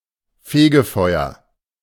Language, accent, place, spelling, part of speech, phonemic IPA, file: German, Germany, Berlin, Fegefeuer, noun, /ˈfeːɡəˌfɔʏ̯ɐ/, De-Fegefeuer.ogg
- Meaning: Purgatory